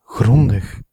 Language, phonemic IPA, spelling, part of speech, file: Dutch, /ˈɣrɔndəx/, grondig, adjective, Nl-grondig.ogg
- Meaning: thorough